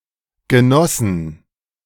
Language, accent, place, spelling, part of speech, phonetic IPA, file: German, Germany, Berlin, genossen, verb, [ɡəˈnɔsn̩], De-genossen.ogg
- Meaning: 1. first/third-person plural preterite of genießen 2. past participle of genießen 3. past participle of niesen